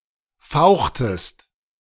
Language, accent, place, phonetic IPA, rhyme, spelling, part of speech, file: German, Germany, Berlin, [ˈfaʊ̯xtəst], -aʊ̯xtəst, fauchtest, verb, De-fauchtest.ogg
- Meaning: inflection of fauchen: 1. second-person singular preterite 2. second-person singular subjunctive II